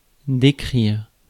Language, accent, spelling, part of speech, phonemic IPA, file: French, France, décrire, verb, /de.kʁiʁ/, Fr-décrire.ogg
- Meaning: to describe